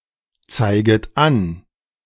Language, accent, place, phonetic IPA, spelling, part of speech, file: German, Germany, Berlin, [ˌt͡saɪ̯ɡət ˈan], zeiget an, verb, De-zeiget an.ogg
- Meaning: second-person plural subjunctive I of anzeigen